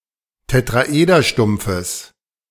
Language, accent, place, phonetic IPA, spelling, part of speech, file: German, Germany, Berlin, [tetʁaˈʔeːdɐˌʃtʊmp͡fəs], Tetraederstumpfes, noun, De-Tetraederstumpfes.ogg
- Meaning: genitive singular of Tetraederstumpf